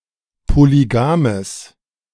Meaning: strong/mixed nominative/accusative neuter singular of polygam
- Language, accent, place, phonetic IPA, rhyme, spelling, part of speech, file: German, Germany, Berlin, [poliˈɡaːməs], -aːməs, polygames, adjective, De-polygames.ogg